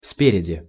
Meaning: from the front, at the front
- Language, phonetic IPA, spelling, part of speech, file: Russian, [ˈspʲerʲɪdʲɪ], спереди, adverb, Ru-спереди.ogg